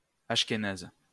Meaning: alternative form of ashkénaze
- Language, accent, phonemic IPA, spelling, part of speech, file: French, France, /aʃ.ke.naz/, achkenaze, adjective, LL-Q150 (fra)-achkenaze.wav